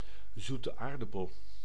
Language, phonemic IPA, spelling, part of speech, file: Dutch, /ˌzutə ˈaːrdɑpəl/, zoete aardappel, noun, Nl-zoete aardappel.ogg
- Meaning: 1. sweet potato (Ipomoea batatas) 2. sweet potato, the tuber of the above plant